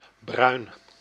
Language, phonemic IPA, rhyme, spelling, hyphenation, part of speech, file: Dutch, /brœy̯n/, -œy̯n, bruin, bruin, adjective / noun, Nl-bruin.ogg
- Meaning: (adjective) brown; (noun) 1. the color brown 2. heroin